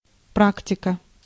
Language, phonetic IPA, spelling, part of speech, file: Russian, [ˈpraktʲɪkə], практика, noun, Ru-практика.ogg
- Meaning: 1. practice 2. internship 3. genitive/accusative singular of пра́ктик (práktik)